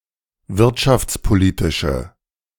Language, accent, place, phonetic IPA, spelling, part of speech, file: German, Germany, Berlin, [ˈvɪʁtʃaft͡sˌpoˌliːtɪʃə], wirtschaftspolitische, adjective, De-wirtschaftspolitische.ogg
- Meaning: inflection of wirtschaftspolitisch: 1. strong/mixed nominative/accusative feminine singular 2. strong nominative/accusative plural 3. weak nominative all-gender singular